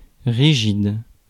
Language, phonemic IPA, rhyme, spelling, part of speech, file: French, /ʁi.ʒid/, -id, rigide, adjective, Fr-rigide.ogg
- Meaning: rigid